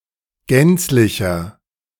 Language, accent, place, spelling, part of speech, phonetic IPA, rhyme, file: German, Germany, Berlin, gänzlicher, adjective, [ˈɡɛnt͡slɪçɐ], -ɛnt͡slɪçɐ, De-gänzlicher.ogg
- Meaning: inflection of gänzlich: 1. strong/mixed nominative masculine singular 2. strong genitive/dative feminine singular 3. strong genitive plural